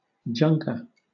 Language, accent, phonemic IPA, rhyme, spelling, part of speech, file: English, Southern England, /ˈd͡ʒʌŋkə(ɹ)/, -ʌŋkə(ɹ), junker, noun, LL-Q1860 (eng)-junker.wav
- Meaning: 1. A beat-up automobile 2. A person with an interest in disused or discarded objects 3. Synonym of junkie (“drug addict”)